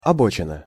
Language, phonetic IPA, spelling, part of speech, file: Russian, [ɐˈbot͡ɕɪnə], обочина, noun, Ru-обочина.ogg
- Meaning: roadside, shoulder